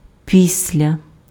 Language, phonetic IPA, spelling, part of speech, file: Ukrainian, [ˈpʲisʲlʲɐ], після, preposition / adverb, Uk-після.ogg
- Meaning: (preposition) after (in time); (adverb) later, afterwards